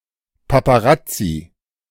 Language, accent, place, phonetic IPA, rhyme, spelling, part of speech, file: German, Germany, Berlin, [papaˈʁat͡si], -at͡si, Paparazzi, noun, De-Paparazzi.ogg
- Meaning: plural of Paparazzo